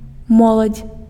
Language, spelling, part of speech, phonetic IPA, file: Belarusian, моладзь, noun, [ˈmoɫat͡sʲ], Be-моладзь.ogg
- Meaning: youth (state of being young)